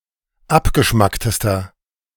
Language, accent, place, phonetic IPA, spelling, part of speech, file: German, Germany, Berlin, [ˈapɡəˌʃmaktəstɐ], abgeschmacktester, adjective, De-abgeschmacktester.ogg
- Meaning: inflection of abgeschmackt: 1. strong/mixed nominative masculine singular superlative degree 2. strong genitive/dative feminine singular superlative degree 3. strong genitive plural superlative degree